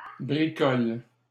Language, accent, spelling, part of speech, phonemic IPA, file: French, Canada, bricoles, noun / verb, /bʁi.kɔl/, LL-Q150 (fra)-bricoles.wav
- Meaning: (noun) plural of bricole; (verb) second-person singular present indicative/subjunctive of bricoler